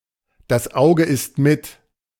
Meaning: one eats with their own eyes; how food looks is important in determining if it is appetizing or tasty
- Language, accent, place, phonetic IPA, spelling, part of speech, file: German, Germany, Berlin, [das ˈaʊ̯ɡə ɪst mɪt], das Auge isst mit, proverb, De-das Auge isst mit.ogg